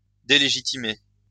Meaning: to delegitimize
- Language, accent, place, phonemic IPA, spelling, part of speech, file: French, France, Lyon, /de.le.ʒi.ti.me/, délégitimer, verb, LL-Q150 (fra)-délégitimer.wav